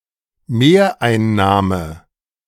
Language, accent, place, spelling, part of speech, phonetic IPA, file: German, Germany, Berlin, Mehreinnahme, noun, [ˈmeːɐ̯ʔaɪ̯nˌnaːmə], De-Mehreinnahme.ogg
- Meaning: additional receipt, additional revenue